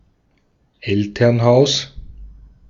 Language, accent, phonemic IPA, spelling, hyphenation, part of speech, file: German, Austria, /ˈɛltɐnˌhaʊ̯s/, Elternhaus, El‧tern‧haus, noun, De-at-Elternhaus.ogg
- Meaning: parents' house